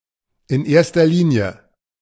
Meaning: first and foremost; chiefly, predominantly, above all
- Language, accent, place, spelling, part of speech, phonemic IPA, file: German, Germany, Berlin, in erster Linie, adverb, /ɪn ˈeːɐ̯stɐ ˌliːni̯ə/, De-in erster Linie.ogg